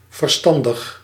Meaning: sensible, wise, able-minded
- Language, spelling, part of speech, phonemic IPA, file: Dutch, verstandig, adjective, /vərˈstɑndəx/, Nl-verstandig.ogg